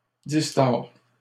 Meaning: third-person singular present indicative of distordre
- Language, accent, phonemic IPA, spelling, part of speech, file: French, Canada, /dis.tɔʁ/, distord, verb, LL-Q150 (fra)-distord.wav